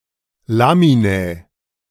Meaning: nominative/accusative/genitive/dative plural of Lamina
- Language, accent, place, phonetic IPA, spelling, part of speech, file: German, Germany, Berlin, [ˈlaːminɛ], Laminae, noun, De-Laminae.ogg